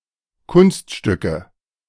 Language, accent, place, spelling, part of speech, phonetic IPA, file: German, Germany, Berlin, Kunststücke, noun, [ˈkʊnstˌʃtʏkə], De-Kunststücke.ogg
- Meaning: nominative/accusative/genitive plural of Kunststück